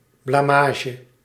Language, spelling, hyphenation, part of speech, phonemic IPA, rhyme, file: Dutch, blamage, bla‧ma‧ge, noun, /ˌblaːˈmaː.ʒə/, -aːʒə, Nl-blamage.ogg
- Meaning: a disgrace, something that tarnishes the reputation of someone or something